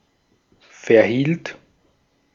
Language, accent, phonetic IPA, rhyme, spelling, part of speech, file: German, Austria, [fɛɐ̯ˈhiːlt], -iːlt, verhielt, verb, De-at-verhielt.ogg
- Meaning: first/third-person singular preterite of verhalten